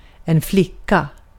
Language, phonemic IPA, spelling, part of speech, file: Swedish, /ˈflɪkːˌa/, flicka, noun / verb, Sv-flicka.ogg
- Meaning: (noun) a girl (female child or young woman); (verb) to repair, to patch (e.g. shoes)